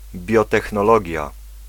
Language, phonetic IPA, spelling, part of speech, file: Polish, [ˌbʲjɔtɛxnɔˈlɔɟja], biotechnologia, noun, Pl-biotechnologia.ogg